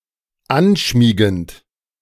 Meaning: present participle of anschmiegen
- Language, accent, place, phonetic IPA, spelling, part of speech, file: German, Germany, Berlin, [ˈanˌʃmiːɡn̩t], anschmiegend, verb, De-anschmiegend.ogg